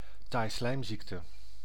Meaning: cystic fibrosis
- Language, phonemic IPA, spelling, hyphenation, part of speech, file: Dutch, /ˈtaːi̯.slɛi̯mˌzik.tə/, taaislijmziekte, taai‧slijm‧ziek‧te, noun, Nl-taaislijmziekte.ogg